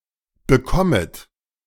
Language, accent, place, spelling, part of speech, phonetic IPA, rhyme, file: German, Germany, Berlin, bekommet, verb, [bəˈkɔmət], -ɔmət, De-bekommet.ogg
- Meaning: second-person plural subjunctive I of bekommen